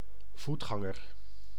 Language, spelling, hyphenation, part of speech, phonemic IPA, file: Dutch, voetganger, voet‧gan‧ger, noun, /ˈvutˌxɑ.ŋər/, Nl-voetganger.ogg
- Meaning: pedestrian (somebody on foot, without a vehicle or mount)